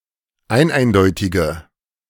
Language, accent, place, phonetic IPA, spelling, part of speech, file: German, Germany, Berlin, [ˈaɪ̯nˌʔaɪ̯ndɔɪ̯tɪɡə], eineindeutige, adjective, De-eineindeutige.ogg
- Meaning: inflection of eineindeutig: 1. strong/mixed nominative/accusative feminine singular 2. strong nominative/accusative plural 3. weak nominative all-gender singular